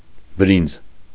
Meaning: 1. rice (plant) 2. rice (seeds of the plant used as food)
- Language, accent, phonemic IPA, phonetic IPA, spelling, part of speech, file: Armenian, Eastern Armenian, /bəˈɾind͡z/, [bəɾínd͡z], բրինձ, noun, Hy-բրինձ.ogg